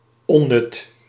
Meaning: useless
- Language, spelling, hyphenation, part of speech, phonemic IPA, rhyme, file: Dutch, onnut, on‧nut, adjective, /ɔ(n)ˈnʏt/, -ʏt, Nl-onnut.ogg